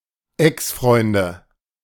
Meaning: 1. nominative/accusative/genitive plural of Exfreund 2. dative of Exfreund
- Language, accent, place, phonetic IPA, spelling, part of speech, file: German, Germany, Berlin, [ˈɛksˌfʁɔɪ̯ndə], Exfreunde, noun, De-Exfreunde.ogg